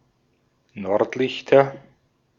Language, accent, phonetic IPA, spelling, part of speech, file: German, Austria, [ˈnɔʁtˌlɪçtɐ], Nordlichter, noun, De-at-Nordlichter.ogg
- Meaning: nominative/accusative/genitive plural of Nordlicht